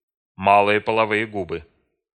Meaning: labia minora
- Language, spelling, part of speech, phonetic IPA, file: Russian, малые половые губы, noun, [ˈmaɫɨje pəɫɐˈvɨje ˈɡubɨ], Ru-малые половые губы.ogg